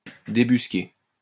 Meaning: 1. to drive out, smoke out, flush out 2. to track down, sniff out (someone or something hiding or hidden)
- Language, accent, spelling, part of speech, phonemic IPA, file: French, France, débusquer, verb, /de.bys.ke/, LL-Q150 (fra)-débusquer.wav